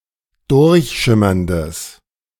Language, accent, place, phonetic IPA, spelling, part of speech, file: German, Germany, Berlin, [ˈdʊʁçˌʃɪmɐndəs], durchschimmerndes, adjective, De-durchschimmerndes.ogg
- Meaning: strong/mixed nominative/accusative neuter singular of durchschimmernd